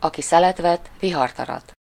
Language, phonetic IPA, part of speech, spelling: Hungarian, [ˌɒki ˈsɛlɛtvɛt ˈviɦɒrtɒrɒt], proverb, aki szelet vet, vihart arat
- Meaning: sow the wind, reap the whirlwind